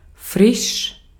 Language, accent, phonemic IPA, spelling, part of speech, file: German, Austria, /fʁɪʃ/, frisch, adjective / adverb, De-at-frisch.ogg
- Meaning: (adjective) 1. fresh 2. recent; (adverb) 1. freshly 2. newly